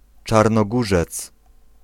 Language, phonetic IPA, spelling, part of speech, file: Polish, [ˌt͡ʃarnɔˈɡuʒɛt͡s], Czarnogórzec, noun, Pl-Czarnogórzec.ogg